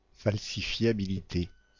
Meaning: falsifiability
- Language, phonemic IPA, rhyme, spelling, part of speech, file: French, /fal.si.fja.bi.li.te/, -e, falsifiabilité, noun, Fr-falsifiabilité.ogg